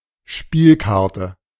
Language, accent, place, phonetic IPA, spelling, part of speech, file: German, Germany, Berlin, [ˈʃpiːlˌkaʁtə], Spielkarte, noun, De-Spielkarte.ogg
- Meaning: playing card